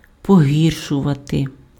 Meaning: to make worse, to worsen
- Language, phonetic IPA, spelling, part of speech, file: Ukrainian, [poˈɦʲirʃʊʋɐte], погіршувати, verb, Uk-погіршувати.ogg